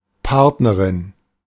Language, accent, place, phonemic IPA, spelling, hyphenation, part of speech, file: German, Germany, Berlin, /ˈpaʁtnəʁɪn/, Partnerin, Part‧ne‧rin, noun, De-Partnerin.ogg
- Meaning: female equivalent of Partner